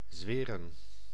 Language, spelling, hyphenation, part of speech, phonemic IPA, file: Dutch, zweren, zwe‧ren, verb / noun, /ˈzʋeːrə(n)/, Nl-zweren.ogg
- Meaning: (verb) 1. to swear, pledge, declare under oath 2. to make/take an oath 3. to swear, to curse, notably blasphemously 4. to hurt, be sore 5. to (infect and) produce pus, boils etc